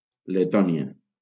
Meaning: Latvia (a country in northeastern Europe)
- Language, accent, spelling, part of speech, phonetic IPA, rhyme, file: Catalan, Valencia, Letònia, proper noun, [leˈtɔ.ni.a], -ɔnia, LL-Q7026 (cat)-Letònia.wav